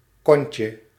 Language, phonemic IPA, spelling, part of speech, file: Dutch, /ˈkɔncə/, kontje, noun, Nl-kontje.ogg
- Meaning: diminutive of kont